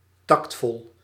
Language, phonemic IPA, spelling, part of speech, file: Dutch, /ˈtɑkt.fɔɫ/, tactvol, adjective, Nl-tactvol.ogg
- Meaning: tactful